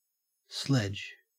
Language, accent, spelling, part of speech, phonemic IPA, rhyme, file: English, Australia, sledge, noun / verb, /slɛd͡ʒ/, -ɛdʒ, En-au-sledge.ogg
- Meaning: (noun) A sledgehammer; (verb) To hit with a sledgehammer; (noun) 1. A low sled drawn by animals, typically on snow, ice or grass 2. any type of sled or sleigh